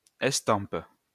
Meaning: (noun) print; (verb) inflection of estamper: 1. first/third-person singular present indicative/subjunctive 2. second-person singular imperative
- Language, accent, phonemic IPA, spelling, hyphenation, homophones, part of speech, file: French, France, /ɛs.tɑ̃p/, estampe, es‧tampe, estampent / estampes, noun / verb, LL-Q150 (fra)-estampe.wav